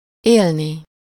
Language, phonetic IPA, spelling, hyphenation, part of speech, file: Hungarian, [ˈeːlni], élni, él‧ni, verb, Hu-élni.ogg
- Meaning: infinitive of él